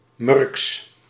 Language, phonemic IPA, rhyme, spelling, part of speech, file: Dutch, /mʏrks/, -ʏrks, Murks, proper noun, Nl-Murks.ogg
- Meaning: a lect distinguished by unusual intonation and pronunciation and deliberate grammatical errors, used by youths to imitate and mock non-native speakers who are mostly from Turkey and Morocco